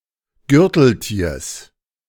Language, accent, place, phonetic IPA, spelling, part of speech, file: German, Germany, Berlin, [ˈɡʏʁtl̩ˌtiːɐ̯s], Gürteltiers, noun, De-Gürteltiers.ogg
- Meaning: genitive singular of Gürteltier